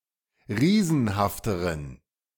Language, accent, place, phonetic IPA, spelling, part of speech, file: German, Germany, Berlin, [ˈʁiːzn̩haftəʁən], riesenhafteren, adjective, De-riesenhafteren.ogg
- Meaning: inflection of riesenhaft: 1. strong genitive masculine/neuter singular comparative degree 2. weak/mixed genitive/dative all-gender singular comparative degree